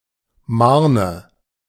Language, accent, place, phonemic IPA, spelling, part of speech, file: German, Germany, Berlin, /ˈmaʁnə/, Marne, proper noun, De-Marne.ogg
- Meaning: 1. a town in Schleswig-Holstein, Germany 2. a city in Iowa